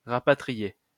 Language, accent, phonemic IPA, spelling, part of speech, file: French, France, /ʁa.pa.tʁi.je/, rapatrier, verb, LL-Q150 (fra)-rapatrier.wav
- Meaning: 1. to repatriate; to send home (to send back to the country of origin) 2. to reconcile